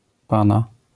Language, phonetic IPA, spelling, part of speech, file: Polish, [ˈpãna], pana, noun / pronoun, LL-Q809 (pol)-pana.wav